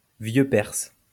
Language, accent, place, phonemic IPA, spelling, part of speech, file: French, France, Lyon, /vjø pɛʁs/, vieux perse, noun, LL-Q150 (fra)-vieux perse.wav
- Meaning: Old Persian